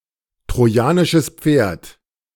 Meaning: Trojan horse
- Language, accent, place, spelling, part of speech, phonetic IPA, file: German, Germany, Berlin, Trojanisches Pferd, phrase, [tʁoˌjaːnɪʃəs ˈp͡feːɐ̯t], De-Trojanisches Pferd.ogg